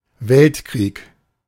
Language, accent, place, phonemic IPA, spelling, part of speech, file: German, Germany, Berlin, /ˈvɛltˌkʁiːk/, Weltkrieg, noun, De-Weltkrieg.ogg
- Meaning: world war